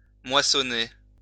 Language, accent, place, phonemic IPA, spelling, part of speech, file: French, France, Lyon, /mwa.sɔ.ne/, moissonner, verb, LL-Q150 (fra)-moissonner.wav
- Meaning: to harvest (to reap)